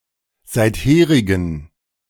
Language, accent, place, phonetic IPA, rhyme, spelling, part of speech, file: German, Germany, Berlin, [ˌzaɪ̯tˈheːʁɪɡn̩], -eːʁɪɡn̩, seitherigen, adjective, De-seitherigen.ogg
- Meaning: inflection of seitherig: 1. strong genitive masculine/neuter singular 2. weak/mixed genitive/dative all-gender singular 3. strong/weak/mixed accusative masculine singular 4. strong dative plural